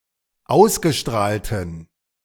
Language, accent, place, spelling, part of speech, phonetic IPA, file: German, Germany, Berlin, ausgestrahlten, adjective, [ˈaʊ̯sɡəˌʃtʁaːltn̩], De-ausgestrahlten.ogg
- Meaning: inflection of ausgestrahlt: 1. strong genitive masculine/neuter singular 2. weak/mixed genitive/dative all-gender singular 3. strong/weak/mixed accusative masculine singular 4. strong dative plural